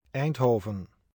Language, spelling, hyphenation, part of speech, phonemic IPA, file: Dutch, Eindhoven, Eind‧ho‧ven, proper noun, /ˈɛi̯ntˌɦoː.və(n)/, 189 Eindhoven.ogg
- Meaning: Eindhoven (a city and municipality of North Brabant, Netherlands)